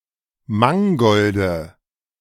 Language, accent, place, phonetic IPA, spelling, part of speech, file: German, Germany, Berlin, [ˈmaŋɡɔldə], Mangolde, noun, De-Mangolde.ogg
- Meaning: nominative/accusative/genitive plural of Mangold